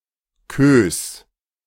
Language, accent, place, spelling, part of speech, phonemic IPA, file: German, Germany, Berlin, Queues, noun, /køːs/, De-Queues.ogg
- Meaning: 1. plural of Queue 2. genitive singular of Queue